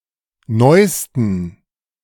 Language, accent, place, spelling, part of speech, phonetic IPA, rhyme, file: German, Germany, Berlin, neusten, adjective, [ˈnɔɪ̯stn̩], -ɔɪ̯stn̩, De-neusten.ogg
- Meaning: 1. superlative degree of neu 2. inflection of neu: strong genitive masculine/neuter singular superlative degree 3. inflection of neu: weak/mixed genitive/dative all-gender singular superlative degree